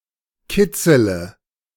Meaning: inflection of kitzeln: 1. first-person singular present 2. singular imperative 3. first/third-person singular subjunctive I
- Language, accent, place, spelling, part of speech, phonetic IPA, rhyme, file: German, Germany, Berlin, kitzele, verb, [ˈkɪt͡sələ], -ɪt͡sələ, De-kitzele.ogg